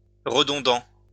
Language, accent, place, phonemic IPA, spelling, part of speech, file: French, France, Lyon, /ʁə.dɔ̃.dɑ̃/, redondant, adjective, LL-Q150 (fra)-redondant.wav
- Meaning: redundant